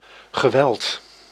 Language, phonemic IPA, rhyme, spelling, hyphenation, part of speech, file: Dutch, /ɣəˈʋɛlt/, -ɛlt, geweld, ge‧weld, noun / verb, Nl-geweld.ogg
- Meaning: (noun) 1. violence 2. strong or violent force; ferocity; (verb) past participle of wellen